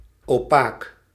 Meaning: 1. opaque, hindering light to pass through; dark, murky 2. intransparant, unclear, confusing
- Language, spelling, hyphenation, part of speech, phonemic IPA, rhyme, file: Dutch, opaak, opaak, adjective, /oːˈpaːk/, -aːk, Nl-opaak.ogg